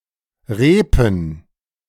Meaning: dative plural of Reep
- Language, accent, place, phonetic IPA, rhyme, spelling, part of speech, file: German, Germany, Berlin, [ˈʁeːpn̩], -eːpn̩, Reepen, noun, De-Reepen.ogg